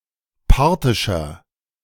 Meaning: inflection of parthisch: 1. strong/mixed nominative masculine singular 2. strong genitive/dative feminine singular 3. strong genitive plural
- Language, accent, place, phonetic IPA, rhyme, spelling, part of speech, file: German, Germany, Berlin, [ˈpaʁtɪʃɐ], -aʁtɪʃɐ, parthischer, adjective, De-parthischer.ogg